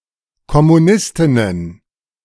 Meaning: plural of Kommunistin
- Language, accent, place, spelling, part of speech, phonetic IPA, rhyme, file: German, Germany, Berlin, Kommunistinnen, noun, [kɔmuˈnɪstɪnən], -ɪstɪnən, De-Kommunistinnen.ogg